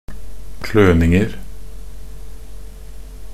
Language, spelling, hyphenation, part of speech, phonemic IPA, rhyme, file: Norwegian Bokmål, kløninger, kløn‧ing‧er, noun, /ˈkløːnɪŋər/, -ər, Nb-kløninger.ogg
- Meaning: indefinite plural of kløning